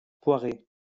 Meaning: perry (pear cider)
- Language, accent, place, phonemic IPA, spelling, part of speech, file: French, France, Lyon, /pwa.ʁe/, poiré, noun, LL-Q150 (fra)-poiré.wav